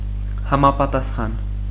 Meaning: 1. appropriate, proper 2. corresponding
- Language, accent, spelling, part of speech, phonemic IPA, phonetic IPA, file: Armenian, Eastern Armenian, համապատասխան, adjective, /hɑmɑpɑtɑsˈχɑn/, [hɑmɑpɑtɑsχɑ́n], Hy-համապատասխան.ogg